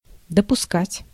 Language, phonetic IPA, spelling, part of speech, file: Russian, [dəpʊˈskatʲ], допускать, verb, Ru-допускать.ogg
- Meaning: 1. to admit 2. to accept, to permit, to allow, to tolerate 3. to assume 4. to let happen